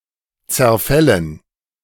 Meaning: dative plural of Zerfall
- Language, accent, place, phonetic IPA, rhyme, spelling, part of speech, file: German, Germany, Berlin, [t͡sɛɐ̯ˈfɛlən], -ɛlən, Zerfällen, noun, De-Zerfällen.ogg